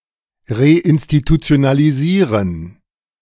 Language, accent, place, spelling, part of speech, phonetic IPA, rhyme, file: German, Germany, Berlin, reinstitutionalisieren, verb, [ʁeʔɪnstitut͡si̯onaliˈziːʁən], -iːʁən, De-reinstitutionalisieren.ogg
- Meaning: to reinstitutionalize